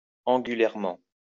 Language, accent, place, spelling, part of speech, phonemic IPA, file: French, France, Lyon, angulairement, adverb, /ɑ̃.ɡy.lɛʁ.mɑ̃/, LL-Q150 (fra)-angulairement.wav
- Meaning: angularly